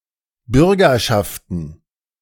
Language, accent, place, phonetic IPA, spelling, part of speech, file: German, Germany, Berlin, [ˈbʏʁɡɐʃaftn̩], Bürgerschaften, noun, De-Bürgerschaften.ogg
- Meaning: plural of Bürgerschaft